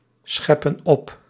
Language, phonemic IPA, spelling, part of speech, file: Dutch, /ˈsxɛpə(n) ˈɔp/, scheppen op, verb, Nl-scheppen op.ogg
- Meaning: inflection of opscheppen: 1. plural present indicative 2. plural present subjunctive